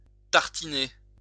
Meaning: to spread (on bread, etc.)
- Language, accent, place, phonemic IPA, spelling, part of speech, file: French, France, Lyon, /taʁ.ti.ne/, tartiner, verb, LL-Q150 (fra)-tartiner.wav